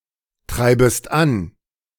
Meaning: second-person singular subjunctive I of antreiben
- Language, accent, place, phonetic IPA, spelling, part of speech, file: German, Germany, Berlin, [ˌtʁaɪ̯bəst ˈan], treibest an, verb, De-treibest an.ogg